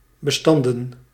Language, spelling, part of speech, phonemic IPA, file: Dutch, bestanden, noun, /bəˈstɑndə(n)/, Nl-bestanden.ogg
- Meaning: plural of bestand